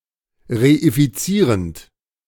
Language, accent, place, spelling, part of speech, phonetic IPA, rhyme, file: German, Germany, Berlin, reifizierend, verb, [ʁeifiˈt͡siːʁənt], -iːʁənt, De-reifizierend.ogg
- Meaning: present participle of reifizieren